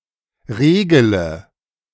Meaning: inflection of regeln: 1. first-person singular present 2. singular imperative 3. first/third-person singular subjunctive I
- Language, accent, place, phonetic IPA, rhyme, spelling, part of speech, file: German, Germany, Berlin, [ˈʁeːɡələ], -eːɡələ, regele, verb, De-regele.ogg